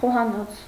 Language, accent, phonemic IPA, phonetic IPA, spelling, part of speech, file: Armenian, Eastern Armenian, /χohɑˈnot͡sʰ/, [χohɑnót͡sʰ], խոհանոց, noun, Hy-խոհանոց.ogg
- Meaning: 1. kitchen 2. cuisine